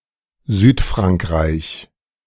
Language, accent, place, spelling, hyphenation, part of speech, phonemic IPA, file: German, Germany, Berlin, Südfrankreich, Süd‧frank‧reich, proper noun, /ˈzyːtˌfʁaŋkʁaɪ̯ç/, De-Südfrankreich.ogg
- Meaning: South of France